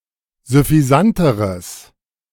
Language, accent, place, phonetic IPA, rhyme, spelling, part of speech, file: German, Germany, Berlin, [zʏfiˈzantəʁəs], -antəʁəs, süffisanteres, adjective, De-süffisanteres.ogg
- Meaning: strong/mixed nominative/accusative neuter singular comparative degree of süffisant